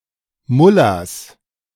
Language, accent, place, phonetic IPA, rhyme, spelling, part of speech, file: German, Germany, Berlin, [ˈmʊlas], -ʊlas, Mullahs, noun, De-Mullahs.ogg
- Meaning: 1. genitive singular of Mullah 2. plural of Mullah